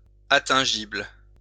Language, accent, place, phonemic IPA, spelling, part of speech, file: French, France, Lyon, /a.tɛ̃.ʒibl/, attingible, adjective, LL-Q150 (fra)-attingible.wav
- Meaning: attainable